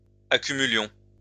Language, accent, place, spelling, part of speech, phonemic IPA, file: French, France, Lyon, accumulions, verb, /a.ky.my.ljɔ̃/, LL-Q150 (fra)-accumulions.wav
- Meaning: inflection of accumuler: 1. first-person plural imperfect indicative 2. first-person plural present subjunctive